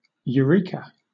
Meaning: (interjection) An exclamation indicating a sudden discovery; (noun) Synonym of constantan (“copper-nickel alloy”)
- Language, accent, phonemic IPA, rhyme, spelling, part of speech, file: English, Southern England, /jəˈɹiː.kə/, -iːkə, eureka, interjection / noun, LL-Q1860 (eng)-eureka.wav